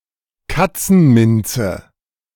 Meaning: catnip, plant of the genus Nepeta
- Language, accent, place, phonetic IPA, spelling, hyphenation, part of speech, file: German, Germany, Berlin, [ˈkat͡sn̩ˌmɪnt͡sə], Katzenminze, Kat‧zen‧min‧ze, noun, De-Katzenminze.ogg